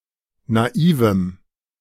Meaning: strong dative masculine/neuter singular of naiv
- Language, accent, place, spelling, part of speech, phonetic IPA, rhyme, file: German, Germany, Berlin, naivem, adjective, [naˈiːvm̩], -iːvm̩, De-naivem.ogg